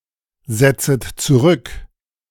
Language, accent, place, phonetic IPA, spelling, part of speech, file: German, Germany, Berlin, [ˌzɛt͡sət t͡suˈʁʏk], setzet zurück, verb, De-setzet zurück.ogg
- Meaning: second-person plural subjunctive I of zurücksetzen